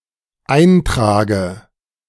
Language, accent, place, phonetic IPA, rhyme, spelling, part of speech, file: German, Germany, Berlin, [ˈaɪ̯ntʁaːɡə], -aɪ̯ntʁaːɡə, Eintrage, noun, De-Eintrage.ogg
- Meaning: dative singular of Eintrag